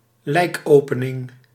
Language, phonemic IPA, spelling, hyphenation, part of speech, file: Dutch, /ˈlɛi̯kˌoː.pə.nɪŋ/, lijkopening, lijk‧ope‧ning, noun, Nl-lijkopening.ogg
- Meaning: dissection, autopsy